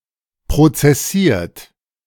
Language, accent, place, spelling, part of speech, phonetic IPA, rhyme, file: German, Germany, Berlin, prozessiert, verb, [pʁot͡sɛˈsiːɐ̯t], -iːɐ̯t, De-prozessiert.ogg
- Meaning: 1. past participle of prozessieren 2. inflection of prozessieren: third-person singular present 3. inflection of prozessieren: second-person plural present